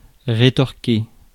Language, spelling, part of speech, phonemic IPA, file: French, rétorquer, verb, /ʁe.tɔʁ.ke/, Fr-rétorquer.ogg
- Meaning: to retort